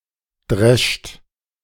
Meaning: inflection of dreschen: 1. second-person plural present 2. plural imperative
- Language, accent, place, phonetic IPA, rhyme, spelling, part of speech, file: German, Germany, Berlin, [dʁɛʃt], -ɛʃt, drescht, verb, De-drescht.ogg